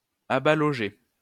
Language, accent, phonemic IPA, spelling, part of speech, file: French, France, /a.ba.lɔ.ʒɛ/, abalogeaient, verb, LL-Q150 (fra)-abalogeaient.wav
- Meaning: third-person plural imperfect indicative of abaloger